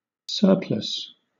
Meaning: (noun) That which remains when use or need is satisfied, or when a limit is reached; excess; overplus; overage
- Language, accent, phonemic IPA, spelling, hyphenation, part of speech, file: English, Southern England, /ˈsɜːpləs/, surplus, sur‧plus, noun / adjective / verb, LL-Q1860 (eng)-surplus.wav